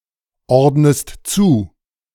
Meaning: inflection of zuordnen: 1. second-person singular present 2. second-person singular subjunctive I
- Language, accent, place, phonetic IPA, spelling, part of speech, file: German, Germany, Berlin, [ˌɔʁdnəst ˈt͡suː], ordnest zu, verb, De-ordnest zu.ogg